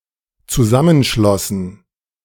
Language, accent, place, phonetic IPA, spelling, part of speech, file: German, Germany, Berlin, [t͡suˈzamənˌʃlɔsn̩], zusammenschlossen, verb, De-zusammenschlossen.ogg
- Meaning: first/third-person plural dependent preterite of zusammenschließen